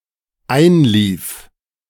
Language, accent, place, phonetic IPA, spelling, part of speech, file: German, Germany, Berlin, [ˈaɪ̯nˌliːf], einlief, verb, De-einlief.ogg
- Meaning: first/third-person singular dependent preterite of einlaufen